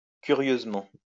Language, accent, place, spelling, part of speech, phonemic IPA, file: French, France, Lyon, curieusement, adverb, /ky.ʁjøz.mɑ̃/, LL-Q150 (fra)-curieusement.wav
- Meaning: 1. curiously (in a bizarre fashion) 2. curiously (in a curious fashion)